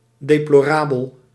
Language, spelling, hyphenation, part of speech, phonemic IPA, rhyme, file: Dutch, deplorabel, de‧plo‧ra‧bel, adjective, /ˌdeː.ploːˈraː.bəl/, -aːbəl, Nl-deplorabel.ogg
- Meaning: pitiful, lamentable